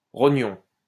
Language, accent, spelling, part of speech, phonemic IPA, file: French, France, rognon, noun, /ʁɔ.ɲɔ̃/, LL-Q150 (fra)-rognon.wav
- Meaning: kidney